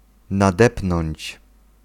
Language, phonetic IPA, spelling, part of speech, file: Polish, [naˈdɛpnɔ̃ɲt͡ɕ], nadepnąć, verb, Pl-nadepnąć.ogg